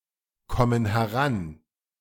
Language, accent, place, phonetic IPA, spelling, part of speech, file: German, Germany, Berlin, [ˌkɔmən hɛˈʁan], kommen heran, verb, De-kommen heran.ogg
- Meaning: inflection of herankommen: 1. first/third-person plural present 2. first/third-person plural subjunctive I